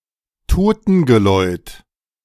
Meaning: death knell
- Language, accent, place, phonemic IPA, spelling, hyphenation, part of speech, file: German, Germany, Berlin, /ˈtoːtənɡəlɔɪ̯t/, Totengeläut, To‧ten‧ge‧läut, noun, De-Totengeläut.ogg